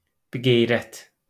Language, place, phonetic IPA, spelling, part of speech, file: Azerbaijani, Baku, [bi(ː)ɡejˈɾæt], biqeyrət, noun, LL-Q9292 (aze)-biqeyrət.wav
- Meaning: dishonorable, honourless